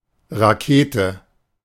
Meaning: rocket, missile
- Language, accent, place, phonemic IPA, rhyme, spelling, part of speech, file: German, Germany, Berlin, /ʁaˈkeːtə/, -eːtə, Rakete, noun, De-Rakete.ogg